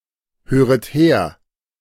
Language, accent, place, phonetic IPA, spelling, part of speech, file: German, Germany, Berlin, [ˌhøːʁət ˈheːɐ̯], höret her, verb, De-höret her.ogg
- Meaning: second-person plural subjunctive I of herhören